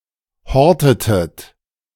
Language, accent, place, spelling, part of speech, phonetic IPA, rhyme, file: German, Germany, Berlin, hortetet, verb, [ˈhɔʁtətət], -ɔʁtətət, De-hortetet.ogg
- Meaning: inflection of horten: 1. second-person plural preterite 2. second-person plural subjunctive II